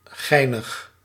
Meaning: funny
- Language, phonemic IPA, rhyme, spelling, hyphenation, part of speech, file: Dutch, /ˈɣɛi̯nəx/, -ɛi̯nəx, geinig, gei‧nig, adjective, Nl-geinig.ogg